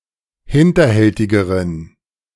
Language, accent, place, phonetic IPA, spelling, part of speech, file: German, Germany, Berlin, [ˈhɪntɐˌhɛltɪɡəʁən], hinterhältigeren, adjective, De-hinterhältigeren.ogg
- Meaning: inflection of hinterhältig: 1. strong genitive masculine/neuter singular comparative degree 2. weak/mixed genitive/dative all-gender singular comparative degree